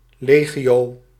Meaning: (adjective) legion, numerous; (noun) a multitude, a crowd
- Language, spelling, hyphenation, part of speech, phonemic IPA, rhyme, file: Dutch, legio, le‧gio, adjective / noun, /ˈleːɣioː/, -eːɣioː, Nl-legio.ogg